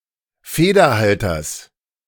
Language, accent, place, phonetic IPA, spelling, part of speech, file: German, Germany, Berlin, [ˈfeːdɐˌhaltɐs], Federhalters, noun, De-Federhalters.ogg
- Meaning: genitive of Federhalter